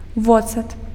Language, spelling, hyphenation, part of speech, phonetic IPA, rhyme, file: Belarusian, воцат, во‧цат, noun, [ˈvot͡sat], -ot͡sat, Be-воцат.ogg
- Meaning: vinegar